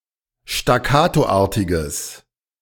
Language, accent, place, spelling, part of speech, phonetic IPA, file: German, Germany, Berlin, staccatoartiges, adjective, [ʃtaˈkaːtoˌʔaːɐ̯tɪɡəs], De-staccatoartiges.ogg
- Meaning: strong/mixed nominative/accusative neuter singular of staccatoartig